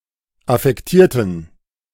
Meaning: inflection of affektiert: 1. strong genitive masculine/neuter singular 2. weak/mixed genitive/dative all-gender singular 3. strong/weak/mixed accusative masculine singular 4. strong dative plural
- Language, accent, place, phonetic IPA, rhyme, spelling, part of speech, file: German, Germany, Berlin, [afɛkˈtiːɐ̯tn̩], -iːɐ̯tn̩, affektierten, adjective, De-affektierten.ogg